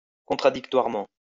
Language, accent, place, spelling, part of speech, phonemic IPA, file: French, France, Lyon, contradictoirement, adverb, /kɔ̃.tʁa.dik.twaʁ.mɑ̃/, LL-Q150 (fra)-contradictoirement.wav
- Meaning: 1. contradictorily 2. adversarially, in the presence of the parties